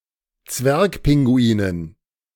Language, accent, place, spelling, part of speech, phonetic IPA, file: German, Germany, Berlin, Zwergpinguinen, noun, [ˈt͡svɛʁkˌpɪŋɡuiːnən], De-Zwergpinguinen.ogg
- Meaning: dative plural of Zwergpinguin